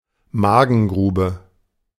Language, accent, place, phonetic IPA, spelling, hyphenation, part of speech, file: German, Germany, Berlin, [ˈmaːɡn̩ˌɡʁuːbə], Magengrube, Ma‧gen‧gru‧be, noun, De-Magengrube.ogg
- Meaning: epigastrium, upper abdomen